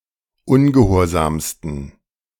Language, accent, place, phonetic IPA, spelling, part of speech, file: German, Germany, Berlin, [ˈʊnɡəˌhoːɐ̯zaːmstn̩], ungehorsamsten, adjective, De-ungehorsamsten.ogg
- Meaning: 1. superlative degree of ungehorsam 2. inflection of ungehorsam: strong genitive masculine/neuter singular superlative degree